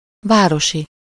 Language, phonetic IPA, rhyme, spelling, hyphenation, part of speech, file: Hungarian, [ˈvaːroʃi], -ʃi, városi, vá‧ro‧si, adjective / noun, Hu-városi.ogg
- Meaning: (adjective) 1. city, town (of or relating to a city or town) 2. urban, metropolitan 3. municipal; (noun) townsperson (an inhabitant of a town)